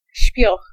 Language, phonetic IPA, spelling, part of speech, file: Polish, [ɕpʲjɔx], śpioch, noun, Pl-śpioch.ogg